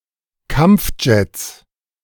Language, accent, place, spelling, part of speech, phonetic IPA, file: German, Germany, Berlin, Kampfjets, noun, [ˈkamp͡fˌd͡ʒɛt͡s], De-Kampfjets.ogg
- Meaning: 1. plural of Kampfjet 2. genitive singular of Kampfjet